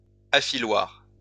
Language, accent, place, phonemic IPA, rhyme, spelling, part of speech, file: French, France, Lyon, /a.fi.lwaʁ/, -aʁ, affiloir, noun, LL-Q150 (fra)-affiloir.wav
- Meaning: sharpener (device)